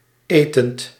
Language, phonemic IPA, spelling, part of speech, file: Dutch, /ˈeːtənt/, etend, verb, Nl-etend.ogg
- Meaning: present participle of eten